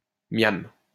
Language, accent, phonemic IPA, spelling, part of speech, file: French, France, /mjam/, miam, interjection, LL-Q150 (fra)-miam.wav
- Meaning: yum